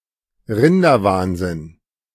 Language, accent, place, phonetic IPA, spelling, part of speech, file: German, Germany, Berlin, [ˈʁɪndɐˌvaːnzɪn], Rinderwahnsinn, noun, De-Rinderwahnsinn.ogg
- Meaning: bovine spongiform encephalopathy, mad cow disease